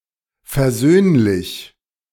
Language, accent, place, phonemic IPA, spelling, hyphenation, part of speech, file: German, Germany, Berlin, /fɛɐ̯ˈzøːnlɪç/, versöhnlich, ver‧söhn‧lich, adjective, De-versöhnlich.ogg
- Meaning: conciliatory, reconciliatory, forgiving